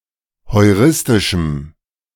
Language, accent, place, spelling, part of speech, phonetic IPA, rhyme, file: German, Germany, Berlin, heuristischem, adjective, [hɔɪ̯ˈʁɪstɪʃm̩], -ɪstɪʃm̩, De-heuristischem.ogg
- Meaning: strong dative masculine/neuter singular of heuristisch